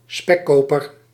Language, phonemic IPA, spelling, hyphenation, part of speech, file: Dutch, /ˈspɛˌkoː.pər/, spekkoper, spek‧ko‧per, noun, Nl-spekkoper.ogg
- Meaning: 1. a lucky or successful person, someone who has it made 2. a merchant in bacon